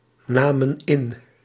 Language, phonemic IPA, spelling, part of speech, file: Dutch, /ˈnamə(n) ˈɪn/, namen in, verb, Nl-namen in.ogg
- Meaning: inflection of innemen: 1. plural past indicative 2. plural past subjunctive